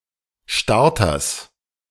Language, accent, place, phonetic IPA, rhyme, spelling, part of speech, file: German, Germany, Berlin, [ˈʃtaʁtɐs], -aʁtɐs, Starters, noun, De-Starters.ogg
- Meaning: genitive singular of Starter